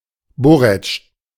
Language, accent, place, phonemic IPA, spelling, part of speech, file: German, Germany, Berlin, /ˈbɔʁɛt͡ʃ/, Borretsch, noun, De-Borretsch.ogg
- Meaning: borage (Borago officinalis)